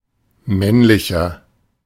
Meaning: 1. comparative degree of männlich 2. inflection of männlich: strong/mixed nominative masculine singular 3. inflection of männlich: strong genitive/dative feminine singular
- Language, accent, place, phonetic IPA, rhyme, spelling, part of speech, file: German, Germany, Berlin, [ˈmɛnlɪçɐ], -ɛnlɪçɐ, männlicher, adjective, De-männlicher.ogg